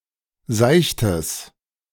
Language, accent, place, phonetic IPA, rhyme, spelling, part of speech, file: German, Germany, Berlin, [ˈzaɪ̯çtəs], -aɪ̯çtəs, seichtes, adjective, De-seichtes.ogg
- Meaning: strong/mixed nominative/accusative neuter singular of seicht